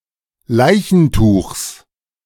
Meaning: genitive singular of Leichentuch
- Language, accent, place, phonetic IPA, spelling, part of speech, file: German, Germany, Berlin, [ˈlaɪ̯çn̩ˌtuːxs], Leichentuchs, noun, De-Leichentuchs.ogg